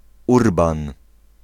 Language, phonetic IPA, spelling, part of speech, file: Polish, [ˈurbãn], Urban, proper noun, Pl-Urban.ogg